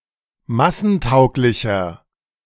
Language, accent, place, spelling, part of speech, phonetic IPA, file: German, Germany, Berlin, massentauglicher, adjective, [ˈmasn̩ˌtaʊ̯klɪçɐ], De-massentauglicher.ogg
- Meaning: 1. comparative degree of massentauglich 2. inflection of massentauglich: strong/mixed nominative masculine singular 3. inflection of massentauglich: strong genitive/dative feminine singular